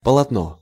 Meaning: 1. linen 2. cloth, bunting 3. canvas 4. roadbed (of a railroad); embankment 5. saw web, saw blade 6. panel 7. picture, painting
- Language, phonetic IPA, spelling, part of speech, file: Russian, [pəɫɐtˈno], полотно, noun, Ru-полотно.ogg